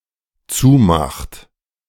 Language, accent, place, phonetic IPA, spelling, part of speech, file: German, Germany, Berlin, [ˈt͡suːˌmaxt], zumacht, verb, De-zumacht.ogg
- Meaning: inflection of zumachen: 1. third-person singular dependent present 2. second-person plural dependent present